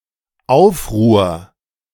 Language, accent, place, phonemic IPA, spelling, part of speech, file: German, Germany, Berlin, /ˈaʊ̯fˌʁuːɐ̯/, Aufruhr, noun, De-Aufruhr.ogg
- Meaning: 1. uproar 2. turmoil 3. riot